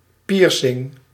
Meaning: piercing (ornament)
- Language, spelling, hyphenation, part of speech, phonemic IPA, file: Dutch, piercing, pier‧cing, noun, /ˈpiːr.sɪŋ/, Nl-piercing.ogg